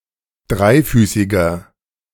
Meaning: inflection of dreifüßig: 1. strong/mixed nominative masculine singular 2. strong genitive/dative feminine singular 3. strong genitive plural
- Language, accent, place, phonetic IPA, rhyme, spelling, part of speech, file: German, Germany, Berlin, [ˈdʁaɪ̯ˌfyːsɪɡɐ], -aɪ̯fyːsɪɡɐ, dreifüßiger, adjective, De-dreifüßiger.ogg